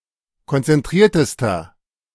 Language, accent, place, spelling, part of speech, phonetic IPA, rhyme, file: German, Germany, Berlin, konzentriertester, adjective, [kɔnt͡sɛnˈtʁiːɐ̯təstɐ], -iːɐ̯təstɐ, De-konzentriertester.ogg
- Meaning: inflection of konzentriert: 1. strong/mixed nominative masculine singular superlative degree 2. strong genitive/dative feminine singular superlative degree 3. strong genitive plural superlative degree